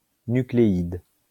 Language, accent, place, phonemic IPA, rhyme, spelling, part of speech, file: French, France, Lyon, /ny.kle.id/, -id, nucléide, noun, LL-Q150 (fra)-nucléide.wav
- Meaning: nuclide